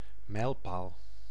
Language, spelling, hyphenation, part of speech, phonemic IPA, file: Dutch, mijlpaal, mijl‧paal, noun, /ˈmɛi̯l.paːl/, Nl-mijlpaal.ogg
- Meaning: 1. milestone (something that marks an important or notable occasion) 2. milepost, milestone (milepost or other object marking a mile distance of one mile)